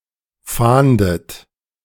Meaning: inflection of fahnden: 1. third-person singular present 2. second-person plural present 3. plural imperative 4. second-person plural subjunctive I
- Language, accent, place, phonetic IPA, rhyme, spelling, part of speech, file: German, Germany, Berlin, [ˈfaːndət], -aːndət, fahndet, verb, De-fahndet.ogg